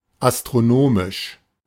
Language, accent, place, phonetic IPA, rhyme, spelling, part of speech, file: German, Germany, Berlin, [astʁoˈnoːmɪʃ], -oːmɪʃ, astronomisch, adjective, De-astronomisch.ogg
- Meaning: astronomical